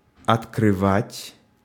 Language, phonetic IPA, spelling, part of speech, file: Russian, [ɐtkrɨˈvatʲ], открывать, verb, Ru-открывать.ogg
- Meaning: 1. to open 2. to turn on 3. to discover 4. to disclose 5. to reveal 6. to unveil 7. to inaugurate